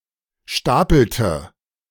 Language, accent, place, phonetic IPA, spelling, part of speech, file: German, Germany, Berlin, [ˈʃtaːpl̩tə], stapelte, verb, De-stapelte.ogg
- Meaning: inflection of stapeln: 1. first/third-person singular preterite 2. first/third-person singular subjunctive II